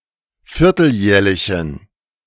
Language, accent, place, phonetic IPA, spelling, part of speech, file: German, Germany, Berlin, [ˈfɪʁtl̩ˌjɛːɐ̯lɪçn̩], vierteljährlichen, adjective, De-vierteljährlichen.ogg
- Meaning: inflection of vierteljährlich: 1. strong genitive masculine/neuter singular 2. weak/mixed genitive/dative all-gender singular 3. strong/weak/mixed accusative masculine singular 4. strong dative plural